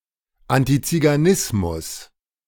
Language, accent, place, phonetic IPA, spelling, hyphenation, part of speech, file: German, Germany, Berlin, [antit͡siɡaˈnɪsmʊs], Antiziganismus, An‧ti‧zi‧ga‧nis‧mus, noun, De-Antiziganismus.ogg
- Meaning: antigypsyism